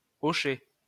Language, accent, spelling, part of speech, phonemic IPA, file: French, France, hochet, noun, /ɔ.ʃɛ/, LL-Q150 (fra)-hochet.wav
- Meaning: rattle (a baby's toy)